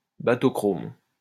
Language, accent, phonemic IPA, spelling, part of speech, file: French, France, /ba.tɔ.kʁom/, bathochrome, adjective, LL-Q150 (fra)-bathochrome.wav
- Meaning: bathochromic